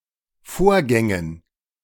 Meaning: dative plural of Vorgang
- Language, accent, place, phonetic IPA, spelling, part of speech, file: German, Germany, Berlin, [ˈfoːɐ̯ˌɡɛŋən], Vorgängen, noun, De-Vorgängen.ogg